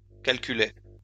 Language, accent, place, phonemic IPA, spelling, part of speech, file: French, France, Lyon, /kal.ky.lɛ/, calculait, verb, LL-Q150 (fra)-calculait.wav
- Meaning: third-person singular imperfect indicative of calculer